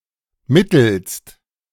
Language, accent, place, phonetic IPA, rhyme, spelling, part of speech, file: German, Germany, Berlin, [ˈmɪtl̩st], -ɪtl̩st, mittelst, preposition / verb, De-mittelst.ogg
- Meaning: by means of